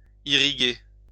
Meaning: to irrigate
- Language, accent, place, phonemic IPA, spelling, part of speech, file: French, France, Lyon, /i.ʁi.ɡe/, irriguer, verb, LL-Q150 (fra)-irriguer.wav